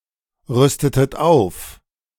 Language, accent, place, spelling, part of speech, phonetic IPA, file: German, Germany, Berlin, rüstetet auf, verb, [ˌʁʏstətət ˈaʊ̯f], De-rüstetet auf.ogg
- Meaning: inflection of aufrüsten: 1. second-person plural preterite 2. second-person plural subjunctive II